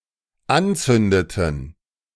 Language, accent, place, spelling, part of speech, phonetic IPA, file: German, Germany, Berlin, anzündeten, verb, [ˈanˌt͡sʏndətn̩], De-anzündeten.ogg
- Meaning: inflection of anzünden: 1. first/third-person plural dependent preterite 2. first/third-person plural dependent subjunctive II